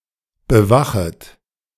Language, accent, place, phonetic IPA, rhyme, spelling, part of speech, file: German, Germany, Berlin, [bəˈvaxət], -axət, bewachet, verb, De-bewachet.ogg
- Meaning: second-person plural subjunctive I of bewachen